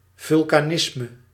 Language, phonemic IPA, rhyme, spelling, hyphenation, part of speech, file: Dutch, /ˌvʏl.kaːˈnɪs.mə/, -ɪsmə, vulkanisme, vul‧ka‧nis‧me, noun, Nl-vulkanisme.ogg
- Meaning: 1. volcanism (volcanic activity) 2. Vulcanism